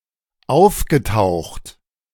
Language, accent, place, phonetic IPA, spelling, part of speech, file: German, Germany, Berlin, [ˈaʊ̯fɡəˌtaʊ̯xt], aufgetaucht, verb, De-aufgetaucht.ogg
- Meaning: past participle of auftauchen